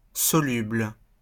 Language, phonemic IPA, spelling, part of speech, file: French, /sɔ.lybl/, soluble, adjective, LL-Q150 (fra)-soluble.wav
- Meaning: 1. soluble (that can be dissolved) 2. solvable (that can be solved)